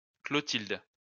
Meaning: a female given name from the Germanic languages, best known for Saint Clotilde, a sixth century queen
- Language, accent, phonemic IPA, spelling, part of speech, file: French, France, /klɔ.tild/, Clotilde, proper noun, LL-Q150 (fra)-Clotilde.wav